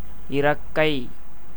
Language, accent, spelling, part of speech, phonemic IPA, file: Tamil, India, இறக்கை, noun, /ɪrɐkːɐɪ̯/, Ta-இறக்கை.ogg
- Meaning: 1. wing, pinion 2. feather (of some birds) 3. wing (of an aircraft)